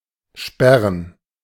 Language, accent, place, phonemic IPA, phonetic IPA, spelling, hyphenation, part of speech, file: German, Germany, Berlin, /ˈʃpɛʁən/, [ˈʃpɛʁn], sperren, sper‧ren, verb, De-sperren.ogg
- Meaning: 1. to bar (entry to a place or system) 2. to space out the letters of a word or text, for emphasis 3. to block, lock (to set measures in order to prevent access to a resource)